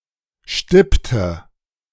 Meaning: inflection of stippen: 1. first/third-person singular preterite 2. first/third-person singular subjunctive II
- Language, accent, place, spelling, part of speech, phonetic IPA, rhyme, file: German, Germany, Berlin, stippte, verb, [ˈʃtɪptə], -ɪptə, De-stippte.ogg